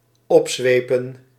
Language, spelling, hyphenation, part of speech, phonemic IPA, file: Dutch, opzwepen, op‧zwe‧pen, verb, /ˈɔpˌzʋeːpə(n)/, Nl-opzwepen.ogg
- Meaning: 1. to urge or chase on with a whip 2. to excite, to whip up